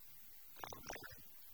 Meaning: she, that (female) person, her
- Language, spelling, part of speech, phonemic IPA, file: Tamil, அவள், pronoun, /ɐʋɐɭ/, Ta-அவள்.ogg